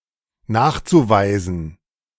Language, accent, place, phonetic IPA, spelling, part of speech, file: German, Germany, Berlin, [ˈnaːxt͡suˌvaɪ̯zn̩], nachzuweisen, verb, De-nachzuweisen.ogg
- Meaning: zu-infinitive of nachweisen